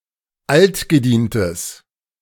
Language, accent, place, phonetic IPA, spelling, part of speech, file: German, Germany, Berlin, [ˈaltɡəˌdiːntəs], altgedientes, adjective, De-altgedientes.ogg
- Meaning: strong/mixed nominative/accusative neuter singular of altgedient